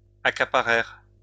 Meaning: third-person plural past historic of accaparer
- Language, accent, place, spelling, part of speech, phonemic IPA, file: French, France, Lyon, accaparèrent, verb, /a.ka.pa.ʁɛʁ/, LL-Q150 (fra)-accaparèrent.wav